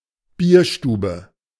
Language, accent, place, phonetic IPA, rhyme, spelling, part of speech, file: German, Germany, Berlin, [ˈbiːɐ̯ˌʃtuːbə], -iːɐ̯ʃtuːbə, Bierstube, noun, De-Bierstube.ogg
- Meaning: bierstube, beer hall